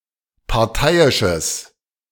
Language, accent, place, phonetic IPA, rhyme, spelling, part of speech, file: German, Germany, Berlin, [paʁˈtaɪ̯ɪʃəs], -aɪ̯ɪʃəs, parteiisches, adjective, De-parteiisches.ogg
- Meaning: strong/mixed nominative/accusative neuter singular of parteiisch